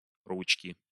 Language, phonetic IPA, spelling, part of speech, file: Russian, [ˈrut͡ɕkʲɪ], ручки, noun, Ru-ручки.ogg
- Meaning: inflection of ру́чка (rúčka): 1. genitive singular 2. nominative/accusative plural